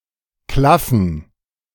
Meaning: 1. to gape 2. to yawn
- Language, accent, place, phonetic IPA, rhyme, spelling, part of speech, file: German, Germany, Berlin, [ˈklafn̩], -afn̩, klaffen, verb, De-klaffen.ogg